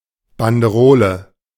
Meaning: 1. label 2. revenue stamp, excise stamp
- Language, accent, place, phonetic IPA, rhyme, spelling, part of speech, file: German, Germany, Berlin, [bandəˈʁoːlə], -oːlə, Banderole, noun, De-Banderole.ogg